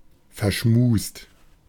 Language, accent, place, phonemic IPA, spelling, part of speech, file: German, Germany, Berlin, /fɛɐ̯ˈʃmuːst/, verschmust, adjective, De-verschmust.ogg
- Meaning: 1. cuddly 2. affectionate